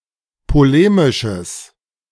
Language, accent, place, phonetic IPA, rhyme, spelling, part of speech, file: German, Germany, Berlin, [poˈleːmɪʃəs], -eːmɪʃəs, polemisches, adjective, De-polemisches.ogg
- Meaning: strong/mixed nominative/accusative neuter singular of polemisch